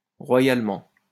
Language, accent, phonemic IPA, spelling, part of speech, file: French, France, /ʁwa.jal.mɑ̃/, royalement, adverb, LL-Q150 (fra)-royalement.wav
- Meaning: 1. royally; regally; majestically 2. terribly; seriously (extremely)